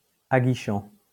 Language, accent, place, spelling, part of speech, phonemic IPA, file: French, France, Lyon, aguichant, verb / adjective, /a.ɡi.ʃɑ̃/, LL-Q150 (fra)-aguichant.wav
- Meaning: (verb) present participle of aguicher; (adjective) enticing